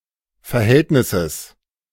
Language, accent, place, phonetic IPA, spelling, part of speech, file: German, Germany, Berlin, [fɛɐ̯ˈhɛltnɪsəs], Verhältnisses, noun, De-Verhältnisses.ogg
- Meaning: genitive singular of Verhältnis